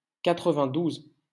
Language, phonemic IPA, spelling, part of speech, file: French, /ka.tʁə.vɛ̃.duz/, quatre-vingt-douze, numeral, LL-Q150 (fra)-quatre-vingt-douze.wav
- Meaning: ninety-two